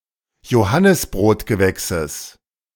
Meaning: genitive of Johannisbrotgewächs
- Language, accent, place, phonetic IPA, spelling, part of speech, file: German, Germany, Berlin, [joˈhanɪsbʁoːtɡəˌvɛksəs], Johannisbrotgewächses, noun, De-Johannisbrotgewächses.ogg